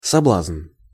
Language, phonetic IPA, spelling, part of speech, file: Russian, [sɐˈbɫazn], соблазн, noun, Ru-соблазн.ogg
- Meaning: temptation